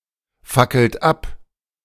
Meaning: inflection of abfackeln: 1. third-person singular present 2. second-person plural present 3. plural imperative
- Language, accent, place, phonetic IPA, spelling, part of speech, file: German, Germany, Berlin, [ˌfakl̩t ˈap], fackelt ab, verb, De-fackelt ab.ogg